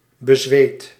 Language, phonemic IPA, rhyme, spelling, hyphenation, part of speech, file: Dutch, /bəˈzʋeːt/, -eːt, bezweet, be‧zweet, adjective, Nl-bezweet.ogg
- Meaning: sweaty (covered in sweat)